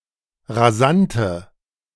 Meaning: inflection of rasant: 1. strong/mixed nominative/accusative feminine singular 2. strong nominative/accusative plural 3. weak nominative all-gender singular 4. weak accusative feminine/neuter singular
- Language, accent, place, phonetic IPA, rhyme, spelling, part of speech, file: German, Germany, Berlin, [ʁaˈzantə], -antə, rasante, adjective, De-rasante.ogg